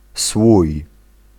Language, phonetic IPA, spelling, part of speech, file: Polish, [swuj], słój, noun, Pl-słój.ogg